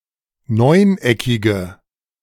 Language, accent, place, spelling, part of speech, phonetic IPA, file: German, Germany, Berlin, neuneckige, adjective, [ˈnɔɪ̯nˌʔɛkɪɡə], De-neuneckige.ogg
- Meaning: inflection of neuneckig: 1. strong/mixed nominative/accusative feminine singular 2. strong nominative/accusative plural 3. weak nominative all-gender singular